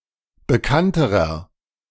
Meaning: inflection of bekannt: 1. strong/mixed nominative masculine singular comparative degree 2. strong genitive/dative feminine singular comparative degree 3. strong genitive plural comparative degree
- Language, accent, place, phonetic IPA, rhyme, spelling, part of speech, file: German, Germany, Berlin, [bəˈkantəʁɐ], -antəʁɐ, bekannterer, adjective, De-bekannterer.ogg